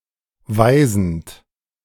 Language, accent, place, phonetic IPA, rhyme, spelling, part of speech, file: German, Germany, Berlin, [ˈvaɪ̯zn̩t], -aɪ̯zn̩t, weisend, verb, De-weisend.ogg
- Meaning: present participle of weisen